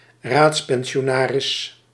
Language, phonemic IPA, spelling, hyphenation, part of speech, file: Dutch, /ˈraːts.pɛn.ʃoːˌnaː.rɪs/, raadspensionaris, raads‧pen‧si‧o‧na‧ris, noun, Nl-raadspensionaris.ogg
- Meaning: grand pensionary (high-ranking official in the Dutch Republic, combining executive and legislative roles)